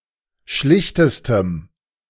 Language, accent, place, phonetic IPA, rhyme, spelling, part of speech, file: German, Germany, Berlin, [ˈʃlɪçtəstəm], -ɪçtəstəm, schlichtestem, adjective, De-schlichtestem.ogg
- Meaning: strong dative masculine/neuter singular superlative degree of schlicht